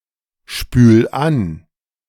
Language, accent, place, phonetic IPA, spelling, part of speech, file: German, Germany, Berlin, [ˌʃpyːl ˈan], spül an, verb, De-spül an.ogg
- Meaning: 1. singular imperative of anspülen 2. first-person singular present of anspülen